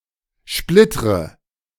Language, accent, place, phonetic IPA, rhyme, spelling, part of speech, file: German, Germany, Berlin, [ˈʃplɪtʁə], -ɪtʁə, splittre, verb, De-splittre.ogg
- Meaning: inflection of splittern: 1. first-person singular present 2. first/third-person singular subjunctive I 3. singular imperative